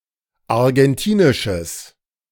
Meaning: strong/mixed nominative/accusative neuter singular of argentinisch
- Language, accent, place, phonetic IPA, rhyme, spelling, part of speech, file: German, Germany, Berlin, [aʁɡɛnˈtiːnɪʃəs], -iːnɪʃəs, argentinisches, adjective, De-argentinisches.ogg